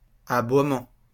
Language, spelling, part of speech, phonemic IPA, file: French, aboiement, noun, /a.bwa.mɑ̃/, LL-Q150 (fra)-aboiement.wav
- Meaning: bark (sound made by a dog)